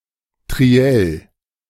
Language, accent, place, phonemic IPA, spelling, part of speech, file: German, Germany, Berlin, /tʁiˈɛl/, Triell, noun, De-Triell.ogg
- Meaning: truel; especially, a debate between three people